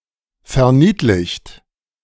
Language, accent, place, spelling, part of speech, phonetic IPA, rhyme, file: German, Germany, Berlin, verniedlicht, verb, [fɛɐ̯ˈniːtlɪçt], -iːtlɪçt, De-verniedlicht.ogg
- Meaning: 1. past participle of verniedlichen 2. inflection of verniedlichen: third-person singular present 3. inflection of verniedlichen: second-person plural present